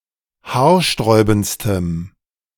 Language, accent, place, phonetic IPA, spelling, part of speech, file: German, Germany, Berlin, [ˈhaːɐ̯ˌʃtʁɔɪ̯bn̩t͡stəm], haarsträubendstem, adjective, De-haarsträubendstem.ogg
- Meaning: strong dative masculine/neuter singular superlative degree of haarsträubend